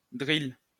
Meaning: drill (tool)
- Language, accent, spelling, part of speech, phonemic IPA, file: French, France, drill, noun, /dʁil/, LL-Q150 (fra)-drill.wav